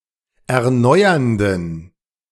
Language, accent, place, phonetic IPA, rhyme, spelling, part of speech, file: German, Germany, Berlin, [ɛɐ̯ˈnɔɪ̯ɐndn̩], -ɔɪ̯ɐndn̩, erneuernden, adjective, De-erneuernden.ogg
- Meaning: inflection of erneuernd: 1. strong genitive masculine/neuter singular 2. weak/mixed genitive/dative all-gender singular 3. strong/weak/mixed accusative masculine singular 4. strong dative plural